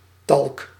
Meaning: 1. talc (soft, fine-grained mineral used in talcum powder) 2. alternative form of talg (“tallow”)
- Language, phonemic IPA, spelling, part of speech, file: Dutch, /tɑlk/, talk, noun, Nl-talk.ogg